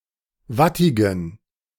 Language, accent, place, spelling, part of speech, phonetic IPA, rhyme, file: German, Germany, Berlin, wattigen, adjective, [ˈvatɪɡn̩], -atɪɡn̩, De-wattigen.ogg
- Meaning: inflection of wattig: 1. strong genitive masculine/neuter singular 2. weak/mixed genitive/dative all-gender singular 3. strong/weak/mixed accusative masculine singular 4. strong dative plural